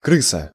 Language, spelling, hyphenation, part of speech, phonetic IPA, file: Russian, крыса, кры‧са, noun, [ˈkrɨsə], Ru-крыса.ogg
- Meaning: 1. rat 2. an unimportant or unpleasant person 3. a thief who steals from his fellows or informs against them; a rat 4. camper